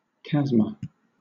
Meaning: 1. A long, narrow, steep-sided depression on a planet (often other than Earth), a moon, or another body in the Solar System 2. An aurora 3. Obsolete form of chasm
- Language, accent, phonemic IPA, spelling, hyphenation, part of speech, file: English, Southern England, /ˈkazmə/, chasma, chas‧ma, noun, LL-Q1860 (eng)-chasma.wav